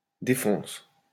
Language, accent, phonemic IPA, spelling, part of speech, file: French, France, /de.fɔ̃s/, défonce, verb, LL-Q150 (fra)-défonce.wav
- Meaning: inflection of défoncer: 1. first/third-person singular present indicative/subjunctive 2. second-person singular imperative